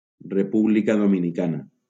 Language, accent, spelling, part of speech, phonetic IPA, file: Catalan, Valencia, República Dominicana, proper noun, [reˈpu.bli.ka ðo.mi.niˈka.na], LL-Q7026 (cat)-República Dominicana.wav
- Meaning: Dominican Republic (a country in the Caribbean)